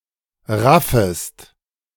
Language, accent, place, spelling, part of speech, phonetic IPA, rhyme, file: German, Germany, Berlin, raffest, verb, [ˈʁafəst], -afəst, De-raffest.ogg
- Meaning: second-person singular subjunctive I of raffen